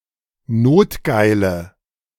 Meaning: inflection of notgeil: 1. strong/mixed nominative/accusative feminine singular 2. strong nominative/accusative plural 3. weak nominative all-gender singular 4. weak accusative feminine/neuter singular
- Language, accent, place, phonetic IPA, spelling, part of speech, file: German, Germany, Berlin, [ˈnoːtˌɡaɪ̯lə], notgeile, adjective, De-notgeile.ogg